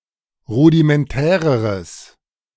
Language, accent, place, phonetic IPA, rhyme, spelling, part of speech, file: German, Germany, Berlin, [ˌʁudimɛnˈtɛːʁəʁəs], -ɛːʁəʁəs, rudimentäreres, adjective, De-rudimentäreres.ogg
- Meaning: strong/mixed nominative/accusative neuter singular comparative degree of rudimentär